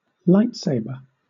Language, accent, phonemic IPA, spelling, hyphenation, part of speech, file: English, Southern England, /ˈlaɪtˌseɪ.bə(ɹ)/, lightsaber, light‧sa‧ber, noun, LL-Q1860 (eng)-lightsaber.wav
- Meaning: 1. A sword having a blade made of a powerful beam of light or energy 2. A real-world toy, prop, or device fashioned after the fictional lightsaber